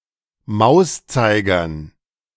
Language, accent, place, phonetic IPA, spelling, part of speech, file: German, Germany, Berlin, [ˈmaʊ̯sˌt͡saɪ̯ɡɐn], Mauszeigern, noun, De-Mauszeigern.ogg
- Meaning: dative plural of Mauszeiger